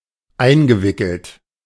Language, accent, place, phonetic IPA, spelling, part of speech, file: German, Germany, Berlin, [ˈaɪ̯nɡəˌvɪkl̩t], eingewickelt, verb, De-eingewickelt.ogg
- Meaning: past participle of einwickeln